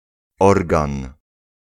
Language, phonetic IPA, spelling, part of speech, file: Polish, [ˈɔrɡãn], organ, noun, Pl-organ.ogg